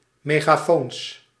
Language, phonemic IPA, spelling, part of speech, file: Dutch, /meɣaˈfons/, megafoons, noun, Nl-megafoons.ogg
- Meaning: plural of megafoon